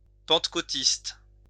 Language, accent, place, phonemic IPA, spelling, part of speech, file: French, France, Lyon, /pɑ̃t.ko.tist/, pentecôtiste, adjective, LL-Q150 (fra)-pentecôtiste.wav
- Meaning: Pentecostal